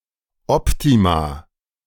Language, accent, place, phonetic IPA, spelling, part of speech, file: German, Germany, Berlin, [ˈɔptima], Optima, noun, De-Optima.ogg
- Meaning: plural of Optimum